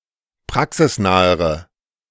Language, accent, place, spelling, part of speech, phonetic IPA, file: German, Germany, Berlin, praxisnahere, adjective, [ˈpʁaksɪsˌnaːəʁə], De-praxisnahere.ogg
- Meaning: inflection of praxisnah: 1. strong/mixed nominative/accusative feminine singular comparative degree 2. strong nominative/accusative plural comparative degree